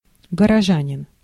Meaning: townsman, city dweller, urbanite (male resident of a town)
- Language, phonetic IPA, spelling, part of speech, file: Russian, [ɡərɐˈʐanʲɪn], горожанин, noun, Ru-горожанин.ogg